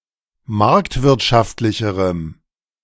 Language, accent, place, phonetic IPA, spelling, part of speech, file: German, Germany, Berlin, [ˈmaʁktvɪʁtʃaftlɪçəʁəm], marktwirtschaftlicherem, adjective, De-marktwirtschaftlicherem.ogg
- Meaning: strong dative masculine/neuter singular comparative degree of marktwirtschaftlich